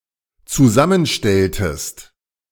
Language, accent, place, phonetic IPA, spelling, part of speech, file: German, Germany, Berlin, [t͡suˈzamənˌʃtɛltəst], zusammenstelltest, verb, De-zusammenstelltest.ogg
- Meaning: inflection of zusammenstellen: 1. second-person singular dependent preterite 2. second-person singular dependent subjunctive II